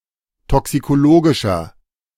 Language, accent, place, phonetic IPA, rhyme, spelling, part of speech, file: German, Germany, Berlin, [ˌtɔksikoˈloːɡɪʃɐ], -oːɡɪʃɐ, toxikologischer, adjective, De-toxikologischer.ogg
- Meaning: inflection of toxikologisch: 1. strong/mixed nominative masculine singular 2. strong genitive/dative feminine singular 3. strong genitive plural